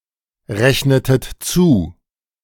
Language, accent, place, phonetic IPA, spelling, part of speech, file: German, Germany, Berlin, [ˌʁɛçnətət ˈt͡suː], rechnetet zu, verb, De-rechnetet zu.ogg
- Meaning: inflection of zurechnen: 1. second-person plural preterite 2. second-person plural subjunctive II